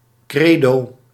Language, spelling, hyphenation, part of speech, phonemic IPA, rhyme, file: Dutch, credo, cre‧do, noun, /ˈkreː.doː/, -eːdoː, Nl-credo.ogg
- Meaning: 1. confession of faith, creed 2. (strong) conviction